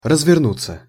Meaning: 1. to turn around, to swing about / around; to make a U-turn (vehicle); to slew (about) 2. to be deployed (of troops) 3. to come unrolled / unfolded / unwrapped 4. to spread, to expand
- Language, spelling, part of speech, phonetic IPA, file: Russian, развернуться, verb, [rəzvʲɪrˈnut͡sːə], Ru-развернуться.ogg